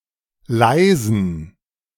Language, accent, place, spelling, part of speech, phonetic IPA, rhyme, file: German, Germany, Berlin, leisen, adjective, [ˈlaɪ̯zn̩], -aɪ̯zn̩, De-leisen.ogg
- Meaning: inflection of leise: 1. strong genitive masculine/neuter singular 2. weak/mixed genitive/dative all-gender singular 3. strong/weak/mixed accusative masculine singular 4. strong dative plural